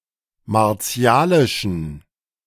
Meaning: inflection of martialisch: 1. strong genitive masculine/neuter singular 2. weak/mixed genitive/dative all-gender singular 3. strong/weak/mixed accusative masculine singular 4. strong dative plural
- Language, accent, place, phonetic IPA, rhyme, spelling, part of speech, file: German, Germany, Berlin, [maʁˈt͡si̯aːlɪʃn̩], -aːlɪʃn̩, martialischen, adjective, De-martialischen.ogg